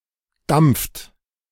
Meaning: inflection of dampfen: 1. second-person plural present 2. third-person singular present 3. plural imperative
- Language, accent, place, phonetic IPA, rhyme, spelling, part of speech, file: German, Germany, Berlin, [damp͡ft], -amp͡ft, dampft, verb, De-dampft.ogg